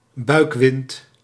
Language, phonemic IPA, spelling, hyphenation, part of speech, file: Dutch, /ˈbœy̯k.ʋɪnt/, buikwind, buik‧wind, noun, Nl-buikwind.ogg
- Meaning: fart